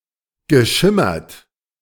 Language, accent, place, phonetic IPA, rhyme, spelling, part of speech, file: German, Germany, Berlin, [ɡəˈʃɪmɐt], -ɪmɐt, geschimmert, verb, De-geschimmert.ogg
- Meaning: past participle of schimmern